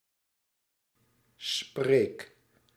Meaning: inflection of spreken: 1. first-person singular present indicative 2. second-person singular present indicative 3. imperative
- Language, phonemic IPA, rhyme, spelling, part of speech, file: Dutch, /spreːk/, -eːk, spreek, verb, Nl-spreek.ogg